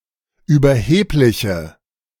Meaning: inflection of überheblich: 1. strong/mixed nominative/accusative feminine singular 2. strong nominative/accusative plural 3. weak nominative all-gender singular
- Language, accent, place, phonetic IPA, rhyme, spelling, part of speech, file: German, Germany, Berlin, [yːbɐˈheːplɪçə], -eːplɪçə, überhebliche, adjective, De-überhebliche.ogg